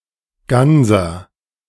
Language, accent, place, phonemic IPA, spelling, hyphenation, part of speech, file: German, Germany, Berlin, /ˈɡanzɐ/, Ganser, Gan‧ser, noun / proper noun, De-Ganser.ogg
- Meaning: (noun) alternative form of Ganter (“gander, male goose”); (proper noun) a surname